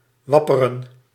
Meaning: to flutter, to wave about (such as hair)
- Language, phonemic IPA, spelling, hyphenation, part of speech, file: Dutch, /ˈʋɑ.pə.rə(n)/, wapperen, wap‧pe‧ren, verb, Nl-wapperen.ogg